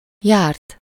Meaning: 1. third-person singular indicative past indefinite of jár 2. past participle of jár
- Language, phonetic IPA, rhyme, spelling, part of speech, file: Hungarian, [ˈjaːrt], -aːrt, járt, verb, Hu-járt.ogg